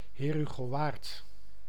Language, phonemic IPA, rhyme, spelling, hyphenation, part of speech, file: Dutch, /ˌɦeːr.ɦy.ɣoːˈʋaːrt/, -aːrt, Heerhugowaard, Heer‧hu‧go‧waard, proper noun, Nl-Heerhugowaard.ogg
- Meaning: a town and former municipality of Dijk en Waard, North Holland, Netherlands